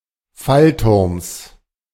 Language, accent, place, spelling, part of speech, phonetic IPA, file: German, Germany, Berlin, Fallturms, noun, [ˈfalˌtʊʁms], De-Fallturms.ogg
- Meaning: genitive singular of Fallturm